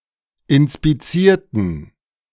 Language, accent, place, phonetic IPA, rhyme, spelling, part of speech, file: German, Germany, Berlin, [ɪnspiˈt͡siːɐ̯tn̩], -iːɐ̯tn̩, inspizierten, adjective / verb, De-inspizierten.ogg
- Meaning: inflection of inspizieren: 1. first/third-person plural preterite 2. first/third-person plural subjunctive II